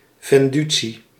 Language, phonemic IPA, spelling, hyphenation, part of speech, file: Dutch, /ˌvɛnˈdy.(t)si/, vendutie, ven‧du‧tie, noun, Nl-vendutie.ogg
- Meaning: alternative form of venditie